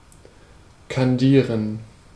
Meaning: to candy
- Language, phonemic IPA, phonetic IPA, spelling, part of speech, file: German, /kanˈdiːʁən/, [kʰanˈdiːɐ̯n], kandieren, verb, De-kandieren.ogg